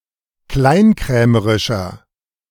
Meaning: 1. comparative degree of kleinkrämerisch 2. inflection of kleinkrämerisch: strong/mixed nominative masculine singular 3. inflection of kleinkrämerisch: strong genitive/dative feminine singular
- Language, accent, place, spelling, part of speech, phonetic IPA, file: German, Germany, Berlin, kleinkrämerischer, adjective, [ˈklaɪ̯nˌkʁɛːməʁɪʃɐ], De-kleinkrämerischer.ogg